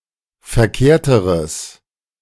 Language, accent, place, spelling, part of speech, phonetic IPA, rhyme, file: German, Germany, Berlin, verkehrteres, adjective, [fɛɐ̯ˈkeːɐ̯təʁəs], -eːɐ̯təʁəs, De-verkehrteres.ogg
- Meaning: strong/mixed nominative/accusative neuter singular comparative degree of verkehrt